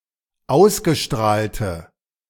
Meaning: inflection of ausgestrahlt: 1. strong/mixed nominative/accusative feminine singular 2. strong nominative/accusative plural 3. weak nominative all-gender singular
- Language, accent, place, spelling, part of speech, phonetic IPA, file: German, Germany, Berlin, ausgestrahlte, adjective, [ˈaʊ̯sɡəˌʃtʁaːltə], De-ausgestrahlte.ogg